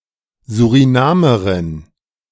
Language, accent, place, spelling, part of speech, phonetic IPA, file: German, Germany, Berlin, Surinamerin, noun, [zuʁiˈnaːməʁɪn], De-Surinamerin.ogg
- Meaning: female Surinamese